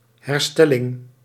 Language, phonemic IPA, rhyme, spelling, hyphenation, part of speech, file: Dutch, /ˌɦɛrˈstɛ.lɪŋ/, -ɛlɪŋ, herstelling, her‧stel‧ling, noun, Nl-herstelling.ogg
- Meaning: 1. medical recovery, the act or process of healing 2. repair, the act or process of fixing an inanimate object 3. restoration, the act or process of restoring something to its former condition